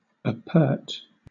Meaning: open; uncovered; revealed
- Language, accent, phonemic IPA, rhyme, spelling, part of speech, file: English, Southern England, /əˈpɜː(ɹ)t/, -ɜː(ɹ)t, apert, adjective, LL-Q1860 (eng)-apert.wav